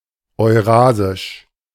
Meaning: Eurasian
- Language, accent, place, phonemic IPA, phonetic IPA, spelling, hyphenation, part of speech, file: German, Germany, Berlin, /ɔʏ̯ˈraːzɪʃ/, [ɔʏ̯ˈʁaːzɪʃ], eurasisch, eu‧ra‧sisch, adjective, De-eurasisch.ogg